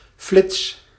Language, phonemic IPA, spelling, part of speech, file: Dutch, /flɪts/, flits, noun / verb, Nl-flits.ogg
- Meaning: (noun) 1. a flash; (figuratively) an instant 2. lightning bolt 3. brief but intense radiation from a flashtube 4. short television or radio reportage